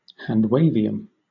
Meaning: Any hypothetical but unobtainable material with desirable engineering properties
- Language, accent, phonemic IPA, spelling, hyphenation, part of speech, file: English, Southern England, /handˈweɪ.vi.əm/, handwavium, hand‧wav‧i‧um, noun, LL-Q1860 (eng)-handwavium.wav